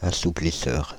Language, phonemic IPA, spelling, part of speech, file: French, /a.su.pli.sœʁ/, assouplisseur, noun, Fr-assouplisseur.ogg
- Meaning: fabric softener